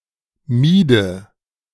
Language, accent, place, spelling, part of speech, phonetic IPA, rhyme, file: German, Germany, Berlin, miede, verb, [ˈmiːdə], -iːdə, De-miede.ogg
- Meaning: first/third-person singular subjunctive II of meiden